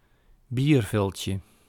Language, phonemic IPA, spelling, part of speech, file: Dutch, /ˈbirvɪlcə/, bierviltje, noun, Nl-bierviltje.ogg
- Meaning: diminutive of biervilt